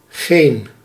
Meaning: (determiner) 1. no, not a, not an, not any 2. none; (adjective) yonder, yon, that; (pronoun) alternative form of gene
- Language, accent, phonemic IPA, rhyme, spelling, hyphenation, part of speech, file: Dutch, Netherlands, /ɣeːn/, -eːn, geen, geen, determiner / adjective / pronoun, Nl-geen.ogg